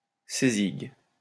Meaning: him, her (third-person singular personal pronoun)
- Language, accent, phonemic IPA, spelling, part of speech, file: French, France, /se.ziɡ/, cézigue, pronoun, LL-Q150 (fra)-cézigue.wav